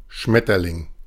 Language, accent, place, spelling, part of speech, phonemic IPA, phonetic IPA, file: German, Germany, Berlin, Schmetterling, noun, /ˈʃmɛtərlɪŋ/, [ˈʃmɛ.tɐ.lɪŋ], De-Schmetterling.ogg
- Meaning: 1. butterfly 2. any insect of the order Lepidoptera, i.e. a butterfly or moth 3. butterfly (kind of stroke)